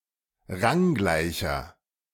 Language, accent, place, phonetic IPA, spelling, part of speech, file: German, Germany, Berlin, [ˈʁaŋˌɡlaɪ̯çɐ], ranggleicher, adjective, De-ranggleicher.ogg
- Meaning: inflection of ranggleich: 1. strong/mixed nominative masculine singular 2. strong genitive/dative feminine singular 3. strong genitive plural